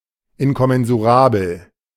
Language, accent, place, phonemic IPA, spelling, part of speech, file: German, Germany, Berlin, /ɪnkɔmɛnzuˈʁaːbl̩/, inkommensurabel, adjective, De-inkommensurabel.ogg
- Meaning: incommensurable